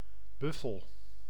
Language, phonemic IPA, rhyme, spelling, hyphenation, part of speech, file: Dutch, /ˈbʏ.fəl/, -ʏfəl, buffel, buf‧fel, noun, Nl-buffel.ogg
- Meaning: a buffalo, one of some mammals of the subfamily Bovinae, especially of the genus Bubalus or species Syncerus caffer